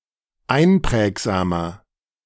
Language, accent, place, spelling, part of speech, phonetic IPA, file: German, Germany, Berlin, einprägsamer, adjective, [ˈaɪ̯nˌpʁɛːkzaːmɐ], De-einprägsamer.ogg
- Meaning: 1. comparative degree of einprägsam 2. inflection of einprägsam: strong/mixed nominative masculine singular 3. inflection of einprägsam: strong genitive/dative feminine singular